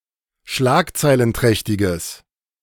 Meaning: strong/mixed nominative/accusative neuter singular of schlagzeilenträchtig
- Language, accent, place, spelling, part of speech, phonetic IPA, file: German, Germany, Berlin, schlagzeilenträchtiges, adjective, [ˈʃlaːkt͡saɪ̯lənˌtʁɛçtɪɡəs], De-schlagzeilenträchtiges.ogg